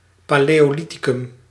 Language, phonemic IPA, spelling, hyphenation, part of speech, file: Dutch, /ˌpaː.leː.oːˈli.ti.kʏm/, paleolithicum, pa‧leo‧li‧thi‧cum, noun, Nl-paleolithicum.ogg
- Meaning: Paleolithic, palaeolithic